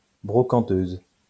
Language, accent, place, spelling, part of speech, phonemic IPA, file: French, France, Lyon, brocanteuse, noun, /bʁɔ.kɑ̃.tøz/, LL-Q150 (fra)-brocanteuse.wav
- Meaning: female equivalent of brocanteur